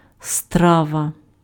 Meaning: 1. dish (specific type of prepared food) 2. course (stage of a meal)
- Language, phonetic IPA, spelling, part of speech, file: Ukrainian, [ˈstraʋɐ], страва, noun, Uk-страва.ogg